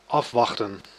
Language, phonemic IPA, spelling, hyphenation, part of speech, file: Dutch, /ˈɑfʋɑxtə(n)/, afwachten, af‧wach‧ten, verb, Nl-afwachten.ogg
- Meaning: 1. to wait (for), to await 2. to expect